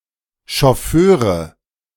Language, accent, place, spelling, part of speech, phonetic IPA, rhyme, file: German, Germany, Berlin, Schofföre, noun, [ʃɔˈføːʁə], -øːʁə, De-Schofföre.ogg
- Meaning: nominative genitive accusative masculine plural of Schofför